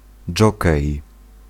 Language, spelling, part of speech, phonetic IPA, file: Polish, dżokej, noun, [ˈd͡ʒɔkɛj], Pl-dżokej.ogg